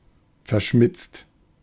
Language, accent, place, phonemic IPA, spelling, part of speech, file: German, Germany, Berlin, /fɛɐ̯ˈʃmɪt͡st/, verschmitzt, adjective, De-verschmitzt.ogg
- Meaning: 1. mischievous 2. sly 3. shrewd, cunning